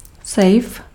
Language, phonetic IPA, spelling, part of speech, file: Czech, [ˈsɛjf], sejf, noun, Cs-sejf.ogg
- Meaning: safe